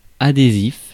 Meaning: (adjective) adhesive
- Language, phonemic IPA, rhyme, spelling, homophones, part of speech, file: French, /a.de.zif/, -if, adhésif, adhésifs, adjective / noun, Fr-adhésif.ogg